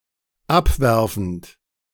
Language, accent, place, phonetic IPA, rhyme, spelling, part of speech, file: German, Germany, Berlin, [ˈapˌvɛʁfn̩t], -apvɛʁfn̩t, abwerfend, verb, De-abwerfend.ogg
- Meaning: present participle of abwerfen